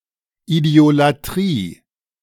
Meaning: idiolatry
- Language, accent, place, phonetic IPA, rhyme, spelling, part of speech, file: German, Germany, Berlin, [ˌidi̯olaˈtʁiː], -iː, Idiolatrie, noun, De-Idiolatrie.ogg